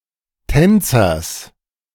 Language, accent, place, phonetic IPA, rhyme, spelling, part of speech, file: German, Germany, Berlin, [ˈtɛnt͡sɐs], -ɛnt͡sɐs, Tänzers, noun, De-Tänzers.ogg
- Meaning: genitive singular of Tänzer